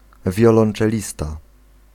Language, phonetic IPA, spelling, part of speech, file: Polish, [ˌvʲjɔlɔ̃n͇t͡ʃɛˈlʲista], wiolonczelista, noun, Pl-wiolonczelista.ogg